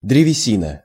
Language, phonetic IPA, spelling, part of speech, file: Russian, [drʲɪvʲɪˈsʲinə], древесина, noun, Ru-древесина.ogg
- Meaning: 1. wood (substance making up the central part of the trunk and branches of a tree) 2. lignin 3. timber 4. wood pulp, wood cellulose